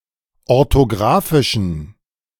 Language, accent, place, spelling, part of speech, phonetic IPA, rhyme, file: German, Germany, Berlin, orthographischen, adjective, [ɔʁtoˈɡʁaːfɪʃn̩], -aːfɪʃn̩, De-orthographischen.ogg
- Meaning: inflection of orthographisch: 1. strong genitive masculine/neuter singular 2. weak/mixed genitive/dative all-gender singular 3. strong/weak/mixed accusative masculine singular 4. strong dative plural